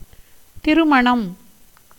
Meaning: marriage, wedding, matrimony
- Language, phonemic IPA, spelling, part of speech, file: Tamil, /t̪ɪɾʊmɐɳɐm/, திருமணம், noun, Ta-திருமணம்.ogg